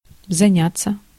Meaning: 1. to study, to learn 2. to be occupied with, to engage in 3. passive of заня́ть (zanjátʹ)
- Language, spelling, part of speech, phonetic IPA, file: Russian, заняться, verb, [zɐˈnʲat͡sːə], Ru-заняться.ogg